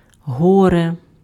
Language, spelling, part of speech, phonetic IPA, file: Ukrainian, горе, noun, [ˈɦɔre], Uk-горе.ogg
- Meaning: 1. grief, distress, sadness 2. trouble 3. misfortune, disaster